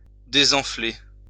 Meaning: to deflate
- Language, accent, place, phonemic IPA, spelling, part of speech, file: French, France, Lyon, /de.zɑ̃.fle/, désenfler, verb, LL-Q150 (fra)-désenfler.wav